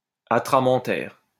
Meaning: atramental, atramentarious, inky
- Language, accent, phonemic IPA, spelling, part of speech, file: French, France, /a.tʁa.mɑ̃.tɛʁ/, atramentaire, adjective, LL-Q150 (fra)-atramentaire.wav